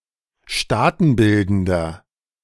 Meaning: inflection of staatenbildend: 1. strong/mixed nominative masculine singular 2. strong genitive/dative feminine singular 3. strong genitive plural
- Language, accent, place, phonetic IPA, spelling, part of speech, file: German, Germany, Berlin, [ˈʃtaːtn̩ˌbɪldn̩dɐ], staatenbildender, adjective, De-staatenbildender.ogg